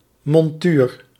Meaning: a setting, bezel, frame etc. onto/into which an object is mounted
- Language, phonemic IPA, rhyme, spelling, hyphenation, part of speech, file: Dutch, /mɔnˈtyːr/, -yːr, montuur, mon‧tuur, noun, Nl-montuur.ogg